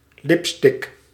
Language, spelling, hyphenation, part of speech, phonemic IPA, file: Dutch, lipstick, lip‧stick, noun, /ˈlɪp.stɪk/, Nl-lipstick.ogg
- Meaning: lipstick